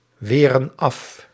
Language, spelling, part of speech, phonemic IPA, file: Dutch, weren af, verb, /ˈwerə(n) ˈɑf/, Nl-weren af.ogg
- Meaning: inflection of afweren: 1. plural present indicative 2. plural present subjunctive